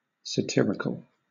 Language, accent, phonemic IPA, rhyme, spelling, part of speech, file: English, Southern England, /səˈtɪɹɪkəl/, -ɪɹɪkəl, satirical, adjective, LL-Q1860 (eng)-satirical.wav
- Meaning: Of, pertaining to, or connected with satire